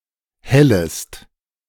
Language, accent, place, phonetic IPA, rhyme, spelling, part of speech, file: German, Germany, Berlin, [ˈhɛləst], -ɛləst, hellest, verb, De-hellest.ogg
- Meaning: second-person singular subjunctive I of hellen